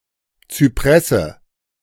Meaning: cypress (tree)
- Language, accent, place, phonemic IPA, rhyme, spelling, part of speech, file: German, Germany, Berlin, /t͡syˈpʁɛsə/, -ɛsə, Zypresse, noun, De-Zypresse.ogg